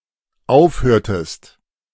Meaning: inflection of aufhören: 1. second-person singular dependent preterite 2. second-person singular dependent subjunctive II
- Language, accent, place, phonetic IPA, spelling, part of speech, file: German, Germany, Berlin, [ˈaʊ̯fˌhøːɐ̯təst], aufhörtest, verb, De-aufhörtest.ogg